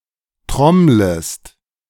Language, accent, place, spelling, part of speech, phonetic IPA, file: German, Germany, Berlin, trommlest, verb, [ˈtʁɔmləst], De-trommlest.ogg
- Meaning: second-person singular subjunctive I of trommeln